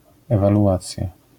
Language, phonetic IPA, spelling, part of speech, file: Polish, [ˌɛvaluˈʷat͡sʲja], ewaluacja, noun, LL-Q809 (pol)-ewaluacja.wav